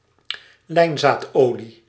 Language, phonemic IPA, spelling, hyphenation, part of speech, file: Dutch, /ˈlɛi̯n.zaːtˌoː.li/, lijnzaadolie, lijn‧zaad‧olie, noun, Nl-lijnzaadolie.ogg
- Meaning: linseed oil